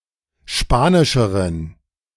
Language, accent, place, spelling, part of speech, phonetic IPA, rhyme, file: German, Germany, Berlin, spanischeren, adjective, [ˈʃpaːnɪʃəʁən], -aːnɪʃəʁən, De-spanischeren.ogg
- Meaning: inflection of spanisch: 1. strong genitive masculine/neuter singular comparative degree 2. weak/mixed genitive/dative all-gender singular comparative degree